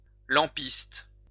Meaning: 1. lampmaker, an artisan who makes and sells lamps 2. a person charged with maintaining oil or kerosene lamps in an establishment (such as a monastery, theater, boarding home)
- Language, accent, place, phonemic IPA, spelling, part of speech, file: French, France, Lyon, /lɑ̃.pist/, lampiste, noun, LL-Q150 (fra)-lampiste.wav